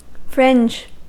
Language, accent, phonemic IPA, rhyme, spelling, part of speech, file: English, US, /fɹɪnd͡ʒ/, -ɪndʒ, fringe, noun / adjective / verb, En-us-fringe.ogg
- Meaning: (noun) 1. A decorative border 2. A decorative border.: A border or edging 3. A marginal or peripheral part 4. A group of people situated on the periphery of a larger community